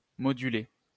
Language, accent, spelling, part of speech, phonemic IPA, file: French, France, moduler, verb, /mɔ.dy.le/, LL-Q150 (fra)-moduler.wav
- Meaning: 1. to modulate 2. to modulate (to move from one key or tonality to another, especially by using a chord progression)